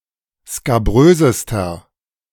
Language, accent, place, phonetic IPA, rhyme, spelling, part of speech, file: German, Germany, Berlin, [skaˈbʁøːzəstɐ], -øːzəstɐ, skabrösester, adjective, De-skabrösester.ogg
- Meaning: inflection of skabrös: 1. strong/mixed nominative masculine singular superlative degree 2. strong genitive/dative feminine singular superlative degree 3. strong genitive plural superlative degree